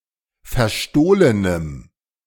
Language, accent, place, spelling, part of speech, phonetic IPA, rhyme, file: German, Germany, Berlin, verstohlenem, adjective, [fɛɐ̯ˈʃtoːlənəm], -oːlənəm, De-verstohlenem.ogg
- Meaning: strong dative masculine/neuter singular of verstohlen